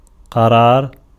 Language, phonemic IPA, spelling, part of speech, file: Arabic, /qa.raːr/, قرار, noun, Ar-قرار.ogg
- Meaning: 1. verbal noun of قَرَّ (qarra, “to be established, settled”) (form I) 2. decision 3. fixed residence, domicile 4. secure dwelling 5. stability 6. steadiness 7. perseverance 8. rest, quietude